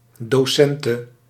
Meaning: female equivalent of docent
- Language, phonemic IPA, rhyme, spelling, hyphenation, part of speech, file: Dutch, /doːˈsɛntə/, -ɛntə, docente, do‧cen‧te, noun, Nl-docente.ogg